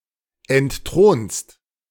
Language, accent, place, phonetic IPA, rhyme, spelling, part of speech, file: German, Germany, Berlin, [ɛntˈtʁoːnst], -oːnst, entthronst, verb, De-entthronst.ogg
- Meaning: second-person singular present of entthronen